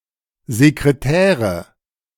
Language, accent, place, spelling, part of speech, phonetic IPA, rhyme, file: German, Germany, Berlin, Sekretäre, noun, [zekʁeˈtɛːʁə], -ɛːʁə, De-Sekretäre.ogg
- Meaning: nominative/accusative/genitive plural of Sekretär